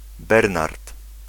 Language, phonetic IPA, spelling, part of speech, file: Polish, [ˈbɛrnart], Bernard, proper noun, Pl-Bernard.ogg